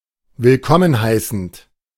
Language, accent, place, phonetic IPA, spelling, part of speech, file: German, Germany, Berlin, [vɪlˈkɔmən ˌhaɪ̯sn̩t], willkommen heißend, verb, De-willkommen heißend.ogg
- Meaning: present participle of willkommen heißen